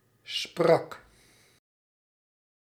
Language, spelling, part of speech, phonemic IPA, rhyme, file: Dutch, sprak, verb, /sprɑk/, -ɑk, Nl-sprak.ogg
- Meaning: singular past indicative of spreken